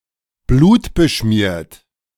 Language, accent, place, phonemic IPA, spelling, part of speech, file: German, Germany, Berlin, /ˈbluːtbəˌʃmiːɐ̯t/, blutbeschmiert, adjective, De-blutbeschmiert.ogg
- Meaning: bloodstained